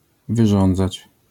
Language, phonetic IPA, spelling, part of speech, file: Polish, [vɨˈʒɔ̃nd͡zat͡ɕ], wyrządzać, verb, LL-Q809 (pol)-wyrządzać.wav